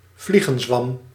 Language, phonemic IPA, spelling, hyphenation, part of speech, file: Dutch, /ˈvli.ɣə(n)ˌzʋɑm/, vliegenzwam, vlie‧gen‧zwam, noun, Nl-vliegenzwam.ogg
- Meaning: 1. amanita (any mushroom of the genus Amanita) 2. amanita (any mushroom of the genus Amanita): fly agaric (Amanita muscaria)